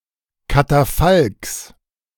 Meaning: genitive of Katafalk
- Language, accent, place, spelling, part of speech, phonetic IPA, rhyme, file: German, Germany, Berlin, Katafalks, noun, [kataˈfalks], -alks, De-Katafalks.ogg